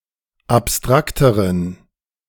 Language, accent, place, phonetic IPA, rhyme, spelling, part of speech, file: German, Germany, Berlin, [apˈstʁaktəʁən], -aktəʁən, abstrakteren, adjective, De-abstrakteren.ogg
- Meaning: inflection of abstrakt: 1. strong genitive masculine/neuter singular comparative degree 2. weak/mixed genitive/dative all-gender singular comparative degree